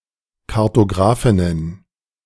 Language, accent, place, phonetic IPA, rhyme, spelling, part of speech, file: German, Germany, Berlin, [kaʁtoˈɡʁaːfɪnən], -aːfɪnən, Kartografinnen, noun, De-Kartografinnen.ogg
- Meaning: plural of Kartografin